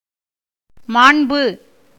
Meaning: 1. honor, dignity 2. beauty 3. greatness, excellence 4. goodness
- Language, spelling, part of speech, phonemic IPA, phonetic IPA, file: Tamil, மாண்பு, noun, /mɑːɳbɯ/, [mäːɳbɯ], Ta-மாண்பு.ogg